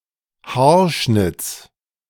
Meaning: genitive singular of Haarschnitt
- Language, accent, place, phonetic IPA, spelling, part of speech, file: German, Germany, Berlin, [ˈhaːɐ̯ˌʃnɪt͡s], Haarschnitts, noun, De-Haarschnitts.ogg